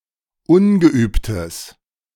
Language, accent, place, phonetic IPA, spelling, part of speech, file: German, Germany, Berlin, [ˈʊnɡəˌʔyːptəs], ungeübtes, adjective, De-ungeübtes.ogg
- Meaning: strong/mixed nominative/accusative neuter singular of ungeübt